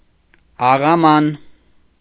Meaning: salt cellar, salt shaker
- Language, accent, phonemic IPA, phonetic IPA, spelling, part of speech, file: Armenian, Eastern Armenian, /ɑʁɑˈmɑn/, [ɑʁɑmɑ́n], աղաման, noun, Hy-աղաման.ogg